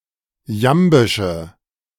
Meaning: inflection of jambisch: 1. strong/mixed nominative/accusative feminine singular 2. strong nominative/accusative plural 3. weak nominative all-gender singular
- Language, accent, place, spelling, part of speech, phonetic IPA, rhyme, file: German, Germany, Berlin, jambische, adjective, [ˈjambɪʃə], -ambɪʃə, De-jambische.ogg